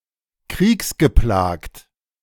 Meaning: war-torn (plagued by war)
- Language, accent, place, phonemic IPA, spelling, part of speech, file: German, Germany, Berlin, /ˈkʁiːksɡəˌplaːkt/, kriegsgeplagt, adjective, De-kriegsgeplagt.ogg